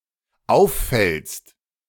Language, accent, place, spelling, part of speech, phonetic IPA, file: German, Germany, Berlin, auffällst, verb, [ˈaʊ̯fˌfɛlst], De-auffällst.ogg
- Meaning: second-person singular dependent present of auffallen